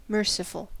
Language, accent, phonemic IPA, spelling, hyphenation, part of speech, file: English, US, /ˈmɝ.sɪ.fl̩/, merciful, mer‧ci‧ful, adjective, En-us-merciful.ogg
- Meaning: Showing mercy